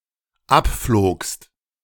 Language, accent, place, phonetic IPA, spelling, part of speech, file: German, Germany, Berlin, [ˈapfloːkst], abflogst, verb, De-abflogst.ogg
- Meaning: second-person singular dependent preterite of abfliegen